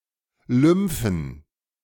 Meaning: plural of Lymphe
- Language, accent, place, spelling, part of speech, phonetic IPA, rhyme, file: German, Germany, Berlin, Lymphen, noun, [ˈlʏmfn̩], -ʏmfn̩, De-Lymphen.ogg